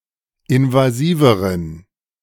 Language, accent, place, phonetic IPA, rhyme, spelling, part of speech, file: German, Germany, Berlin, [ɪnvaˈziːvəʁən], -iːvəʁən, invasiveren, adjective, De-invasiveren.ogg
- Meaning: inflection of invasiv: 1. strong genitive masculine/neuter singular comparative degree 2. weak/mixed genitive/dative all-gender singular comparative degree